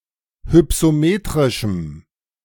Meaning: strong dative masculine/neuter singular of hypsometrisch
- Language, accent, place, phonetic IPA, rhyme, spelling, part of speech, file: German, Germany, Berlin, [hʏpsoˈmeːtʁɪʃm̩], -eːtʁɪʃm̩, hypsometrischem, adjective, De-hypsometrischem.ogg